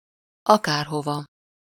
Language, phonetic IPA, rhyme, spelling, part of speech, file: Hungarian, [ˈɒkaːrɦovɒ], -vɒ, akárhova, adverb, Hu-akárhova.ogg
- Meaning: anywhere